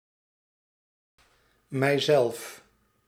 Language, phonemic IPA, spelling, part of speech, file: Dutch, /mɛi̯ˈzɛlf/, mijzelf, pronoun, Nl-mijzelf.ogg
- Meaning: myself